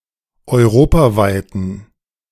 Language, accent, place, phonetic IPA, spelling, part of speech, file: German, Germany, Berlin, [ɔɪ̯ˈʁoːpaˌvaɪ̯tn̩], europaweiten, adjective, De-europaweiten.ogg
- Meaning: inflection of europaweit: 1. strong genitive masculine/neuter singular 2. weak/mixed genitive/dative all-gender singular 3. strong/weak/mixed accusative masculine singular 4. strong dative plural